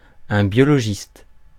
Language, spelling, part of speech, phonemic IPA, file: French, biologiste, noun, /bjɔ.lɔ.ʒist/, Fr-biologiste.ogg
- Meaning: biologist